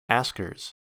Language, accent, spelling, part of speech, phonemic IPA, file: English, US, askers, noun, /ˈæsk.ɚz/, En-us-askers.ogg
- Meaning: plural of asker